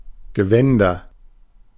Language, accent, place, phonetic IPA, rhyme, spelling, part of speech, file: German, Germany, Berlin, [ɡəˈvɛndɐ], -ɛndɐ, Gewänder, noun, De-Gewänder.ogg
- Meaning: nominative/accusative/genitive plural of Gewand